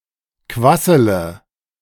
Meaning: inflection of quasseln: 1. first-person singular present 2. singular imperative 3. first/third-person singular subjunctive I
- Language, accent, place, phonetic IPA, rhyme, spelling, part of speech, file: German, Germany, Berlin, [ˈkvasələ], -asələ, quassele, verb, De-quassele.ogg